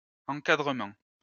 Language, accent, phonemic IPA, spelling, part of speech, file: French, France, /ɑ̃.ka.dʁə.mɑ̃/, encadrement, noun, LL-Q150 (fra)-encadrement.wav
- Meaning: 1. framing (of a picture) 2. supervision, monitoring, overlooking, watchful eye 3. training, managerial or supervisory staff 4. frame 5. framework